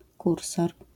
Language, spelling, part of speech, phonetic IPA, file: Polish, kursor, noun, [ˈkursɔr], LL-Q809 (pol)-kursor.wav